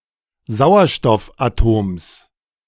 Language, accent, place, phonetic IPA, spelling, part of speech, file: German, Germany, Berlin, [ˈzaʊ̯ɐʃtɔfʔaˌtoːms], Sauerstoffatoms, noun, De-Sauerstoffatoms.ogg
- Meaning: genitive singular of Sauerstoffatom